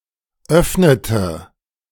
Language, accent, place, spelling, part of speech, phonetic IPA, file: German, Germany, Berlin, öffnete, verb, [ˈœfnətə], De-öffnete.ogg
- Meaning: inflection of öffnen: 1. first/third-person singular preterite 2. first/third-person singular subjunctive II